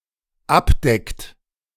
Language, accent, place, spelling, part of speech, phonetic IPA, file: German, Germany, Berlin, abdeckt, verb, [ˈapˌdɛkt], De-abdeckt.ogg
- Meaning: inflection of abdecken: 1. third-person singular dependent present 2. second-person plural dependent present